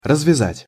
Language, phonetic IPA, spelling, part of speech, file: Russian, [rəzvʲɪˈzatʲ], развязать, verb, Ru-развязать.ogg
- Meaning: 1. to untie, to unbind, to undo, to unleash 2. to liberate (from) 3. to start